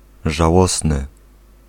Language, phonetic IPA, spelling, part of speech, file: Polish, [ʒaˈwɔsnɨ], żałosny, adjective, Pl-żałosny.ogg